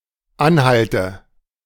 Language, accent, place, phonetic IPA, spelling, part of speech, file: German, Germany, Berlin, [ˈanˌhaltə], Anhalte, noun, De-Anhalte.ogg
- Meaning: 1. nominative/accusative/genitive plural of Anhalt 2. dative of Anhalt